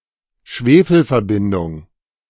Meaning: sulfur compound
- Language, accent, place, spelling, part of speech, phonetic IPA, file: German, Germany, Berlin, Schwefelverbindung, noun, [ˈʃveːfl̩fɛɐ̯ˌbɪndʊŋ], De-Schwefelverbindung.ogg